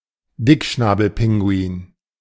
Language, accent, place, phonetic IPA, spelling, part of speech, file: German, Germany, Berlin, [ˈdɪkʃnaːbl̩ˌpɪŋɡuiːn], Dickschnabelpinguin, noun, De-Dickschnabelpinguin.ogg
- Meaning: Fiordland penguin, Fiordland crested penguin